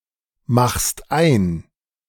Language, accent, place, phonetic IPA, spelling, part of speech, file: German, Germany, Berlin, [ˌmaxst ˈaɪ̯n], machst ein, verb, De-machst ein.ogg
- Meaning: second-person singular present of einmachen